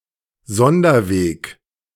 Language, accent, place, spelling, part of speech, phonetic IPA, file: German, Germany, Berlin, Sonderweg, noun, [ˈzɔndɐˌveːk], De-Sonderweg.ogg
- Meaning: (proper noun) the supposed special path by which German political structures developed (differently from those of France, Britain, Russia, etc), and which German history took (see the English entry)